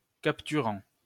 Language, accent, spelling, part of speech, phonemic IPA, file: French, France, capturant, verb, /kap.ty.ʁɑ̃/, LL-Q150 (fra)-capturant.wav
- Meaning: present participle of capturer